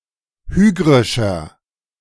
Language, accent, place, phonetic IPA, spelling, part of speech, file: German, Germany, Berlin, [ˈhyːɡʁɪʃɐ], hygrischer, adjective, De-hygrischer.ogg
- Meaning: inflection of hygrisch: 1. strong/mixed nominative masculine singular 2. strong genitive/dative feminine singular 3. strong genitive plural